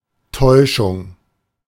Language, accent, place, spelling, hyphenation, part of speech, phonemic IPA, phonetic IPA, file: German, Germany, Berlin, Täuschung, Täu‧schung, noun, /ˈtɔɪ̯ʃʊŋ/, [ˈtʰɔɪ̯ʃʊŋ], De-Täuschung.ogg
- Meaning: deception